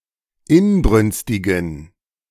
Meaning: inflection of inbrünstig: 1. strong genitive masculine/neuter singular 2. weak/mixed genitive/dative all-gender singular 3. strong/weak/mixed accusative masculine singular 4. strong dative plural
- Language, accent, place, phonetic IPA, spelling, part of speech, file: German, Germany, Berlin, [ˈɪnˌbʁʏnstɪɡn̩], inbrünstigen, adjective, De-inbrünstigen.ogg